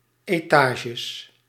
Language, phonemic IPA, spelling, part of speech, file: Dutch, /eˈtaʒəs/, etages, noun, Nl-etages.ogg
- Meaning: plural of etage